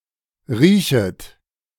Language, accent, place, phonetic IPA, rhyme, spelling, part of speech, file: German, Germany, Berlin, [ˈʁiːçət], -iːçət, riechet, verb, De-riechet.ogg
- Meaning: second-person plural subjunctive I of riechen